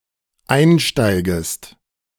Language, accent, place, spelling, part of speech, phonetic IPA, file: German, Germany, Berlin, einsteigest, verb, [ˈaɪ̯nˌʃtaɪ̯ɡəst], De-einsteigest.ogg
- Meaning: second-person singular dependent subjunctive I of einsteigen